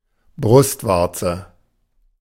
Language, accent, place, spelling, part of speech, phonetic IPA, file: German, Germany, Berlin, Brustwarze, noun, [ˈbʁʊstˌvaʁt͡sə], De-Brustwarze.ogg
- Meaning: nipple, teat